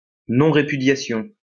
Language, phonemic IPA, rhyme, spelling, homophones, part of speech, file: French, /ʁe.py.dja.sjɔ̃/, -ɔ̃, répudiation, répudiations, noun, LL-Q150 (fra)-répudiation.wav
- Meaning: repudiation, refusal, refusing